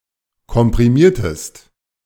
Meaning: inflection of komprimieren: 1. second-person singular preterite 2. second-person singular subjunctive II
- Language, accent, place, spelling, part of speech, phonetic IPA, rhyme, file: German, Germany, Berlin, komprimiertest, verb, [kɔmpʁiˈmiːɐ̯təst], -iːɐ̯təst, De-komprimiertest.ogg